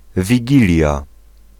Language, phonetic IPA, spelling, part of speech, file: Polish, [vʲiˈɟilʲja], Wigilia, proper noun, Pl-Wigilia.ogg